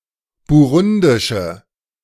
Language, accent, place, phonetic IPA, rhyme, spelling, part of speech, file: German, Germany, Berlin, [buˈʁʊndɪʃə], -ʊndɪʃə, burundische, adjective, De-burundische.ogg
- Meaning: inflection of burundisch: 1. strong/mixed nominative/accusative feminine singular 2. strong nominative/accusative plural 3. weak nominative all-gender singular